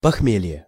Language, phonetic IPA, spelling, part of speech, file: Russian, [pɐxˈmʲelʲje], похмелье, noun, Ru-похмелье.ogg
- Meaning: hangover